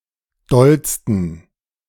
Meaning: 1. superlative degree of doll 2. inflection of doll: strong genitive masculine/neuter singular superlative degree
- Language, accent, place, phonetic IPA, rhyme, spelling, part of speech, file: German, Germany, Berlin, [ˈdɔlstn̩], -ɔlstn̩, dollsten, adjective, De-dollsten.ogg